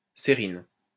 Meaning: cerin
- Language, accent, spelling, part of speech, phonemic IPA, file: French, France, cérine, noun, /se.ʁin/, LL-Q150 (fra)-cérine.wav